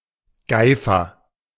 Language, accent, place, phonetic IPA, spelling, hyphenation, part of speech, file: German, Germany, Berlin, [ˈɡaɪ̯fɐ], Geifer, Gei‧fer, noun, De-Geifer.ogg
- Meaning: slobber